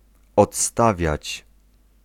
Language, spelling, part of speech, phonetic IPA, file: Polish, odstawiać, verb, [ɔtˈstavʲjät͡ɕ], Pl-odstawiać.ogg